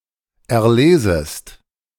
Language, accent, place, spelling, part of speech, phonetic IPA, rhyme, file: German, Germany, Berlin, erlesest, verb, [ɛɐ̯ˈleːzəst], -eːzəst, De-erlesest.ogg
- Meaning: second-person singular subjunctive I of erlesen